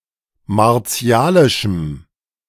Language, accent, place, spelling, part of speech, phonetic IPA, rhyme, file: German, Germany, Berlin, martialischem, adjective, [maʁˈt͡si̯aːlɪʃm̩], -aːlɪʃm̩, De-martialischem.ogg
- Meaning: strong dative masculine/neuter singular of martialisch